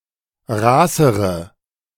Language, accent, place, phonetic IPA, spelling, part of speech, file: German, Germany, Berlin, [ˈʁaːsəʁə], raßere, adjective, De-raßere.ogg
- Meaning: inflection of raß: 1. strong/mixed nominative/accusative feminine singular comparative degree 2. strong nominative/accusative plural comparative degree